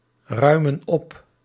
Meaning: inflection of opruimen: 1. plural present indicative 2. plural present subjunctive
- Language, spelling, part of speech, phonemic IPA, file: Dutch, ruimen op, verb, /ˈrœymə(n) ˈɔp/, Nl-ruimen op.ogg